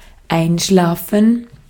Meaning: 1. to fall asleep 2. to pass away, die (peacefully) 3. to fall asleep (become numb) 4. to die down, to cease being active (e.g. of projects or maintained contact)
- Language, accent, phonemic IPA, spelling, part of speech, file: German, Austria, /ˈaɪ̯nˌʃlaːfən/, einschlafen, verb, De-at-einschlafen.ogg